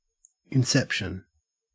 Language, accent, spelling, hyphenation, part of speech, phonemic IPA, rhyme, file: English, Australia, inception, in‧cep‧tion, noun, /ɪnˈsɛpʃən/, -ɛpʃən, En-au-inception.ogg
- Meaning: 1. The creation or beginning of something; the establishment 2. A layering, nesting, or recursion of something within itself